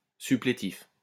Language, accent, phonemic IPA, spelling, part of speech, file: French, France, /sy.ple.tif/, supplétif, adjective, LL-Q150 (fra)-supplétif.wav
- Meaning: 1. supplementary 2. auxiliary 3. suppletive